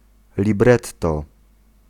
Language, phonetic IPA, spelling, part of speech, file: Polish, [lʲiˈbrɛtːɔ], libretto, noun, Pl-libretto.ogg